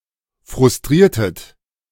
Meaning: inflection of frustrieren: 1. second-person plural preterite 2. second-person plural subjunctive II
- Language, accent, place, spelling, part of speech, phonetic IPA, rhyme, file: German, Germany, Berlin, frustriertet, verb, [fʁʊsˈtʁiːɐ̯tət], -iːɐ̯tət, De-frustriertet.ogg